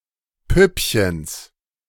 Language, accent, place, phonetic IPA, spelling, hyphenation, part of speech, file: German, Germany, Berlin, [ˈpʏpçəns], Püppchens, Püpp‧chens, noun, De-Püppchens.ogg
- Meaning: genitive singular of Püppchen